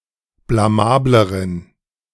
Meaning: inflection of blamabel: 1. strong genitive masculine/neuter singular comparative degree 2. weak/mixed genitive/dative all-gender singular comparative degree
- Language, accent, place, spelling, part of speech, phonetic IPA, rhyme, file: German, Germany, Berlin, blamableren, adjective, [blaˈmaːbləʁən], -aːbləʁən, De-blamableren.ogg